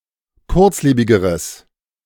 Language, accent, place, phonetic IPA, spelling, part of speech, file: German, Germany, Berlin, [ˈkʊʁt͡sˌleːbɪɡəʁəs], kurzlebigeres, adjective, De-kurzlebigeres.ogg
- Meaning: strong/mixed nominative/accusative neuter singular comparative degree of kurzlebig